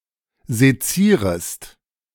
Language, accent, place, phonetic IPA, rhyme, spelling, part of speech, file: German, Germany, Berlin, [zeˈt͡siːʁəst], -iːʁəst, sezierest, verb, De-sezierest.ogg
- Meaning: second-person singular subjunctive I of sezieren